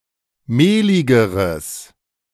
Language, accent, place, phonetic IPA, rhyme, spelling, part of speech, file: German, Germany, Berlin, [ˈmeːlɪɡəʁəs], -eːlɪɡəʁəs, mehligeres, adjective, De-mehligeres.ogg
- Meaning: strong/mixed nominative/accusative neuter singular comparative degree of mehlig